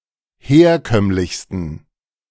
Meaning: 1. superlative degree of herkömmlich 2. inflection of herkömmlich: strong genitive masculine/neuter singular superlative degree
- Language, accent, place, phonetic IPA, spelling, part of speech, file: German, Germany, Berlin, [ˈheːɐ̯ˌkœmlɪçstn̩], herkömmlichsten, adjective, De-herkömmlichsten.ogg